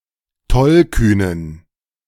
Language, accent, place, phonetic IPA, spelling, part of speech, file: German, Germany, Berlin, [ˈtɔlˌkyːnən], tollkühnen, adjective, De-tollkühnen.ogg
- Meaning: inflection of tollkühn: 1. strong genitive masculine/neuter singular 2. weak/mixed genitive/dative all-gender singular 3. strong/weak/mixed accusative masculine singular 4. strong dative plural